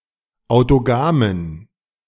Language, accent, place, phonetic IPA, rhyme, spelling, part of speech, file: German, Germany, Berlin, [aʊ̯toˈɡaːmən], -aːmən, autogamen, adjective, De-autogamen.ogg
- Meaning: inflection of autogam: 1. strong genitive masculine/neuter singular 2. weak/mixed genitive/dative all-gender singular 3. strong/weak/mixed accusative masculine singular 4. strong dative plural